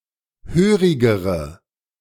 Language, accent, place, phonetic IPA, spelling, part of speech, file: German, Germany, Berlin, [ˈhøːʁɪɡəʁə], hörigere, adjective, De-hörigere.ogg
- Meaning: inflection of hörig: 1. strong/mixed nominative/accusative feminine singular comparative degree 2. strong nominative/accusative plural comparative degree